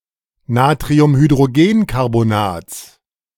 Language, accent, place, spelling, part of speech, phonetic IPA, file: German, Germany, Berlin, Natriumhydrogencarbonats, noun, [ˌnaːtʁiʊmhydʁoˈɡeːnkaʁbonaːt͡s], De-Natriumhydrogencarbonats.ogg
- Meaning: genitive singular of Natriumhydrogencarbonat